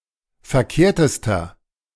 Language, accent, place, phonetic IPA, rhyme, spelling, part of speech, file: German, Germany, Berlin, [fɛɐ̯ˈkeːɐ̯təstɐ], -eːɐ̯təstɐ, verkehrtester, adjective, De-verkehrtester.ogg
- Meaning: inflection of verkehrt: 1. strong/mixed nominative masculine singular superlative degree 2. strong genitive/dative feminine singular superlative degree 3. strong genitive plural superlative degree